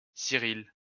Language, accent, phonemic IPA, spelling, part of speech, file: French, France, /si.ʁil/, Cyrille, proper noun, LL-Q150 (fra)-Cyrille.wav
- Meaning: 1. a male given name, equivalent to English Cyril 2. a female given name of rare usage, masculine equivalent Cyril